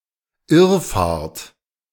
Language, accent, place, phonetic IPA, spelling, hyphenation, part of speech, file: German, Germany, Berlin, [ˈɪʁˌfaːɐ̯t], Irrfahrt, Irr‧fahrt, noun, De-Irrfahrt.ogg
- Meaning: 1. odyssey 2. random walk